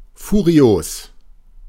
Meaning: 1. furious 2. dynamic
- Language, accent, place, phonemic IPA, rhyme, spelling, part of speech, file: German, Germany, Berlin, /fuˈʁi̯oːs/, -oːs, furios, adjective, De-furios.ogg